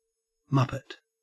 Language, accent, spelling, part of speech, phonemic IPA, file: English, Australia, muppet, noun, /ˈmɐpət/, En-au-muppet.ogg
- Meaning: 1. Alternative form of Muppet (“a puppet in the style of Jim Henson's Muppets”) 2. An incompetent or foolish person